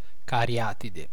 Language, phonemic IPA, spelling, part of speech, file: Italian, /kaˈrjatide/, cariatide, noun, It-cariatide.ogg